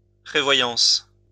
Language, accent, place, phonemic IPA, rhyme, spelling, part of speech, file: French, France, Lyon, /pʁe.vwa.jɑ̃s/, -ɑ̃s, prévoyance, noun, LL-Q150 (fra)-prévoyance.wav
- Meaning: foresight